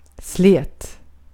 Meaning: smooth (free from irregularities, of a surface or the like)
- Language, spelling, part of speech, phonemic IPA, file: Swedish, slät, adjective, /slɛːt/, Sv-slät.ogg